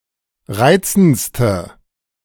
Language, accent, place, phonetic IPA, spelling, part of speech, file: German, Germany, Berlin, [ˈʁaɪ̯t͡sn̩t͡stə], reizendste, adjective, De-reizendste.ogg
- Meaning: inflection of reizend: 1. strong/mixed nominative/accusative feminine singular superlative degree 2. strong nominative/accusative plural superlative degree